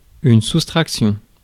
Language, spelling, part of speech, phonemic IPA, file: French, soustraction, noun, /sus.tʁak.sjɔ̃/, Fr-soustraction.ogg
- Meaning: subtraction